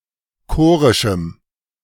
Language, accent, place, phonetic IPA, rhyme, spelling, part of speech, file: German, Germany, Berlin, [ˈkoːʁɪʃm̩], -oːʁɪʃm̩, chorischem, adjective, De-chorischem.ogg
- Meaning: strong dative masculine/neuter singular of chorisch